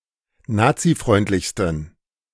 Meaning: 1. superlative degree of nazifreundlich 2. inflection of nazifreundlich: strong genitive masculine/neuter singular superlative degree
- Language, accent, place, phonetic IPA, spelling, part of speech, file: German, Germany, Berlin, [ˈnaːt͡siˌfʁɔɪ̯ntlɪçstn̩], nazifreundlichsten, adjective, De-nazifreundlichsten.ogg